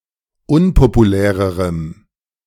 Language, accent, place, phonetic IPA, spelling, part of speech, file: German, Germany, Berlin, [ˈʊnpopuˌlɛːʁəʁəm], unpopulärerem, adjective, De-unpopulärerem.ogg
- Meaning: strong dative masculine/neuter singular comparative degree of unpopulär